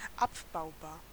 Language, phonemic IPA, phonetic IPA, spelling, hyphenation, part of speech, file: German, /ˈapbaʊ̯baːʁ/, [ˈʔapbaʊ̯baːɐ̯], abbaubar, ab‧bau‧bar, adjective, De-abbaubar.ogg
- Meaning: 1. degradable 2. demountable (disk etc)